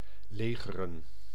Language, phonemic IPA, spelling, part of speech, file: Dutch, /ˈleːɣərə(n)/, legeren, verb, Nl-legeren.ogg
- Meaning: to encamp, to base